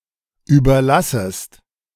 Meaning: second-person singular subjunctive I of überlassen
- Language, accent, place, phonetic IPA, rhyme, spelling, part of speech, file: German, Germany, Berlin, [ˌyːbɐˈlasəst], -asəst, überlassest, verb, De-überlassest.ogg